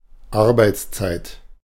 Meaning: working hours (the time of duty at a workplace, the time spend working)
- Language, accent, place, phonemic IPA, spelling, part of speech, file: German, Germany, Berlin, /ˈaʁbaɪ̯t͡sˌt͡saɪ̯t/, Arbeitszeit, noun, De-Arbeitszeit.ogg